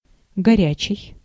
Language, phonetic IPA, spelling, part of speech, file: Russian, [ɡɐˈrʲæt͡ɕɪj], горячий, adjective, Ru-горячий.ogg
- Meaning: 1. hot (having a high temperature) 2. ardent, passionate 3. heated (of a dispute) 4. hot-tempered 5. busy (of time) 6. radioactive